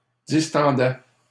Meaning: first/second-person singular imperfect indicative of distendre
- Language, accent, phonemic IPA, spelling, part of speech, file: French, Canada, /dis.tɑ̃.dɛ/, distendais, verb, LL-Q150 (fra)-distendais.wav